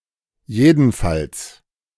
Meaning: 1. in any case 2. definitely
- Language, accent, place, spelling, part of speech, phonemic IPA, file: German, Germany, Berlin, jedenfalls, adverb, /ˈjeːdənˈfals/, De-jedenfalls.ogg